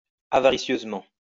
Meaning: avariciously
- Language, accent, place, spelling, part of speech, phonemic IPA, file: French, France, Lyon, avaricieusement, adverb, /a.va.ʁi.sjøz.mɑ̃/, LL-Q150 (fra)-avaricieusement.wav